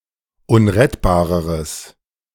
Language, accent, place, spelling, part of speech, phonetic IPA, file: German, Germany, Berlin, unrettbareres, adjective, [ˈʊnʁɛtbaːʁəʁəs], De-unrettbareres.ogg
- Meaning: strong/mixed nominative/accusative neuter singular comparative degree of unrettbar